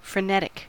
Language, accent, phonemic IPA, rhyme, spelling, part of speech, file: English, US, /fɹəˈnɛt.ɪk/, -ɛtɪk, frenetic, adjective / noun, En-us-frenetic.ogg
- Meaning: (adjective) 1. Frenzied and frantic, harried; having extreme enthusiasm or energy 2. Mentally deranged, insane 3. Characterised by manifestations of delirium or madness; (noun) One who is frenetic